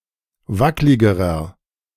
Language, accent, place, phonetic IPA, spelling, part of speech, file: German, Germany, Berlin, [ˈvaklɪɡəʁɐ], wackligerer, adjective, De-wackligerer.ogg
- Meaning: inflection of wacklig: 1. strong/mixed nominative masculine singular comparative degree 2. strong genitive/dative feminine singular comparative degree 3. strong genitive plural comparative degree